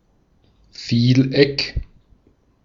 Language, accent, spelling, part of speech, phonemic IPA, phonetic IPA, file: German, Austria, Vieleck, noun, /ˈfiːlˌɛk/, [ˈfiːlˌʔɛkʰ], De-at-Vieleck.ogg
- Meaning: polygon